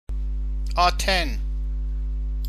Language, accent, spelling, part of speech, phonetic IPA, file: Persian, Iran, آتن, proper noun, [ʔɒː.t̪ʰén], Fa-آتن.ogg
- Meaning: Athens (the capital city of Greece)